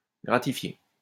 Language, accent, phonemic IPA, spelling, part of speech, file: French, France, /ɡʁa.ti.fje/, gratifier, verb, LL-Q150 (fra)-gratifier.wav
- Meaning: 1. to gratify 2. to reward